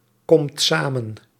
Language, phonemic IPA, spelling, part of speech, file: Dutch, /ˈkɔmt ˈsamə(n)/, komt samen, verb, Nl-komt samen.ogg
- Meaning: inflection of samenkomen: 1. second/third-person singular present indicative 2. plural imperative